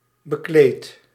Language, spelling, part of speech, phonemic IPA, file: Dutch, bekleed, adjective / verb, /bəˈklet/, Nl-bekleed.ogg
- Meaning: inflection of bekleden: 1. first-person singular present indicative 2. second-person singular present indicative 3. imperative